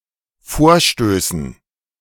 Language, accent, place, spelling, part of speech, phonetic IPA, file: German, Germany, Berlin, Vorstößen, noun, [ˈfoːɐ̯ˌʃtøːsn̩], De-Vorstößen.ogg
- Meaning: dative plural of Vorstoß